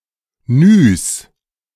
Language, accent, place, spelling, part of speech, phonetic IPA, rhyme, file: German, Germany, Berlin, Nys, noun, [nyːs], -yːs, De-Nys.ogg
- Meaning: plural of Ny